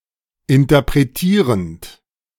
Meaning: present participle of interpretieren
- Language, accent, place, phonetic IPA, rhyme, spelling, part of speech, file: German, Germany, Berlin, [ɪntɐpʁeˈtiːʁənt], -iːʁənt, interpretierend, verb, De-interpretierend.ogg